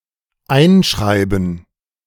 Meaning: 1. to write into, inscribe 2. to send (a letter) by registered mail 3. to enroll, enlist
- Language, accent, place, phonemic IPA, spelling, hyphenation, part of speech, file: German, Germany, Berlin, /ˈaɪ̯nʃʀaɪ̯bn̩/, einschreiben, ein‧schrei‧ben, verb, De-einschreiben.ogg